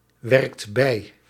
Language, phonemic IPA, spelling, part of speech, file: Dutch, /ˈwɛrᵊkt ˈbɛi/, werkt bij, verb, Nl-werkt bij.ogg
- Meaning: inflection of bijwerken: 1. second/third-person singular present indicative 2. plural imperative